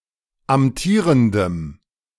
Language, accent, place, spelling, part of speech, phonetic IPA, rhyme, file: German, Germany, Berlin, amtierendem, adjective, [amˈtiːʁəndəm], -iːʁəndəm, De-amtierendem.ogg
- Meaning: strong dative masculine/neuter singular of amtierend